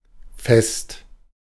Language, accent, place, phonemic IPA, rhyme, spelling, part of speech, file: German, Germany, Berlin, /fɛst/, -ɛst, fest, adjective, De-fest.ogg
- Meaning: 1. firm; compact; hard 2. firm; fixed; rigid 3. firm; steadfast 4. firm; steadfast: of a long-term romantic relationship 5. good, proper, big, large